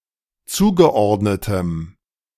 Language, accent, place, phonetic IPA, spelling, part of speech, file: German, Germany, Berlin, [ˈt͡suːɡəˌʔɔʁdnətəm], zugeordnetem, adjective, De-zugeordnetem.ogg
- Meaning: strong dative masculine/neuter singular of zugeordnet